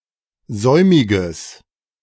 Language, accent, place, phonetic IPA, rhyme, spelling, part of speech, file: German, Germany, Berlin, [ˈzɔɪ̯mɪɡəs], -ɔɪ̯mɪɡəs, säumiges, adjective, De-säumiges.ogg
- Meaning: strong/mixed nominative/accusative neuter singular of säumig